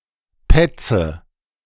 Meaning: 1. tattler, tattletale (of either sex) 2. she-dog; bitch (female dog) 3. she-bear (female bear)
- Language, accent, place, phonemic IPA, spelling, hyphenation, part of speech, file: German, Germany, Berlin, /ˈpɛt͡sə/, Petze, Pet‧ze, noun, De-Petze.ogg